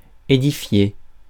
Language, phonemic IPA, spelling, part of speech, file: French, /e.di.fje/, édifier, verb, Fr-édifier.ogg
- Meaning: to construct, erect, edify